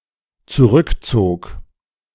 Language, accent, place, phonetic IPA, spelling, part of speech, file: German, Germany, Berlin, [t͡suˈʁʏkˌt͡soːk], zurückzog, verb, De-zurückzog.ogg
- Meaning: first/third-person singular dependent preterite of zurückziehen